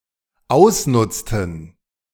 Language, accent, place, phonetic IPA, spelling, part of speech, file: German, Germany, Berlin, [ˈaʊ̯sˌnʊt͡stn̩], ausnutzten, verb, De-ausnutzten.ogg
- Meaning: inflection of ausnutzen: 1. first/third-person plural dependent preterite 2. first/third-person plural dependent subjunctive II